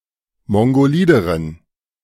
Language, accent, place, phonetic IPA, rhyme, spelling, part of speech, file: German, Germany, Berlin, [ˌmɔŋɡoˈliːdəʁən], -iːdəʁən, mongolideren, adjective, De-mongolideren.ogg
- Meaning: inflection of mongolid: 1. strong genitive masculine/neuter singular comparative degree 2. weak/mixed genitive/dative all-gender singular comparative degree